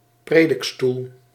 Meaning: rare form of preekstoel
- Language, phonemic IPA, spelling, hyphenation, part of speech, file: Dutch, /ˈpreː.dɪkˌstul/, predikstoel, pre‧dik‧stoel, noun, Nl-predikstoel.ogg